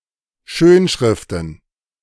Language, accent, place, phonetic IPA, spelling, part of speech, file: German, Germany, Berlin, [ˈʃøːnˌʃʁɪftn̩], Schönschriften, noun, De-Schönschriften.ogg
- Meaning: plural of Schönschrift